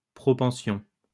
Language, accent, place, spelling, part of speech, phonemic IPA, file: French, France, Lyon, propension, noun, /pʁɔ.pɑ̃.sjɔ̃/, LL-Q150 (fra)-propension.wav
- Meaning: propensity, proclivity